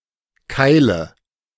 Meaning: 1. beating 2. cotter 3. nominative/accusative/genitive plural of Keil 4. dative singular of Keil
- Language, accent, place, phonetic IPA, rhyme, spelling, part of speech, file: German, Germany, Berlin, [ˈkaɪ̯lə], -aɪ̯lə, Keile, noun, De-Keile.ogg